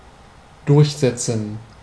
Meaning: 1. to establish; to enforce; to cause to become prevalent, accepted, or effective 2. to establish oneself; to become prevalent, accepted, or effective 3. to assert oneself; to win; to have one's will
- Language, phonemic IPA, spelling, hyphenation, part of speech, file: German, /ˈdʊrçˌzɛtsən/, durchsetzen, durch‧set‧zen, verb, De-durchsetzen.ogg